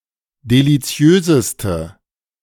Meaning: inflection of deliziös: 1. strong/mixed nominative/accusative feminine singular superlative degree 2. strong nominative/accusative plural superlative degree
- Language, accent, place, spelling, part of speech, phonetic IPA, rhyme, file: German, Germany, Berlin, deliziöseste, adjective, [deliˈt͡si̯øːzəstə], -øːzəstə, De-deliziöseste.ogg